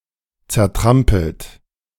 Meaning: past participle of zertrampeln
- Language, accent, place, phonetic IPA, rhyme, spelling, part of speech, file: German, Germany, Berlin, [t͡sɛɐ̯ˈtʁampl̩t], -ampl̩t, zertrampelt, verb, De-zertrampelt.ogg